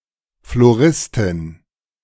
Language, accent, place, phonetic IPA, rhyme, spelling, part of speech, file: German, Germany, Berlin, [floˈʁɪstɪn], -ɪstɪn, Floristin, noun, De-Floristin.ogg
- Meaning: florist (female) (person who sells flowers)